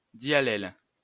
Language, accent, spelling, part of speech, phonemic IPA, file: French, France, diallèle, noun, /dja.lɛl/, LL-Q150 (fra)-diallèle.wav
- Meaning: diallel